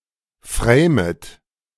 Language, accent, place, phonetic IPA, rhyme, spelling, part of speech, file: German, Germany, Berlin, [ˈfʁeːmət], -eːmət, framet, verb, De-framet.ogg
- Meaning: second-person plural subjunctive I of framen